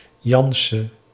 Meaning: a common surname originating as a patronymic
- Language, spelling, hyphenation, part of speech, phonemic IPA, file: Dutch, Jansen, Jan‧sen, proper noun, /ˈjɑn.sə(n)/, Nl-Jansen.ogg